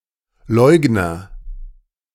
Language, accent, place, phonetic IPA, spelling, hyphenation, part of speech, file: German, Germany, Berlin, [ˈlɔɪ̯ɡnɐ], Leugner, Leug‧ner, noun, De-Leugner.ogg
- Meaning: denier (male or of unspecified gender)